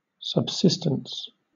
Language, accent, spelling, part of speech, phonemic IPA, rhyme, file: English, Southern England, subsistence, noun, /səbˈsɪstəns/, -ɪstəns, LL-Q1860 (eng)-subsistence.wav
- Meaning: 1. Real being; existence 2. The act of maintaining oneself at a minimum level 3. Inherency 4. Something (food, water, money, etc.) that is required to stay alive